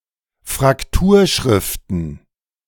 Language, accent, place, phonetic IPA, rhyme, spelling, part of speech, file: German, Germany, Berlin, [fʁakˈtuːɐ̯ˌʃʁɪftn̩], -uːɐ̯ʃʁɪftn̩, Frakturschriften, noun, De-Frakturschriften.ogg
- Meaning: plural of Frakturschrift